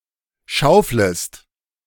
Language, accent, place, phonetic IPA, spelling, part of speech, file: German, Germany, Berlin, [ˈʃaʊ̯fləst], schauflest, verb, De-schauflest.ogg
- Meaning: second-person singular subjunctive I of schaufeln